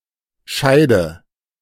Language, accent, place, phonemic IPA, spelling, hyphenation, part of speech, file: German, Germany, Berlin, /ˈʃaɪ̯də/, Scheide, Schei‧de, noun, De-Scheide.ogg
- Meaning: 1. sheath, scabbard 2. vagina 3. partition, border, limit